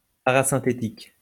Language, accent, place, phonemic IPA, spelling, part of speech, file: French, France, Lyon, /pa.ʁa.sɛ̃.te.tik/, parasynthétique, adjective, LL-Q150 (fra)-parasynthétique.wav
- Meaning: parasynthetic